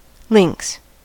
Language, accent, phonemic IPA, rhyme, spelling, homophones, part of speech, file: English, US, /lɪŋks/, -ɪŋks, lynx, links, noun, En-us-lynx.ogg
- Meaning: Any of several medium-sized wild cats of the genus Lynx